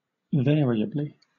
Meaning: In a variable manner
- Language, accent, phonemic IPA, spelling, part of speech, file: English, Southern England, /ˈvɛəɹiəbli/, variably, adverb, LL-Q1860 (eng)-variably.wav